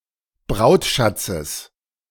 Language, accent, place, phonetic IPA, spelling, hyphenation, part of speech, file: German, Germany, Berlin, [ˈbʁaʊ̯tˌʃat͡səs], Brautschatzes, Braut‧schat‧zes, noun, De-Brautschatzes.ogg
- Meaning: genitive singular of Brautschatz